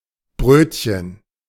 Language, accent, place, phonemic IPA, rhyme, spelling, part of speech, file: German, Germany, Berlin, /ˈbʁøːtçən/, -øːtçən, Brötchen, noun, De-Brötchen.ogg
- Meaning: 1. a bun, bread roll 2. a small open sandwich